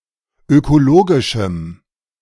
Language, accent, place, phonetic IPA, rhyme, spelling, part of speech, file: German, Germany, Berlin, [økoˈloːɡɪʃm̩], -oːɡɪʃm̩, ökologischem, adjective, De-ökologischem.ogg
- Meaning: strong dative masculine/neuter singular of ökologisch